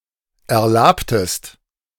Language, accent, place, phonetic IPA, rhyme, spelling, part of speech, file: German, Germany, Berlin, [ɛɐ̯ˈlaːptəst], -aːptəst, erlabtest, verb, De-erlabtest.ogg
- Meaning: inflection of erlaben: 1. second-person singular preterite 2. second-person singular subjunctive II